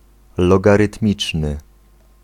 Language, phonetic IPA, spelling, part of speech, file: Polish, [ˌlɔɡarɨtˈmʲit͡ʃnɨ], logarytmiczny, adjective, Pl-logarytmiczny.ogg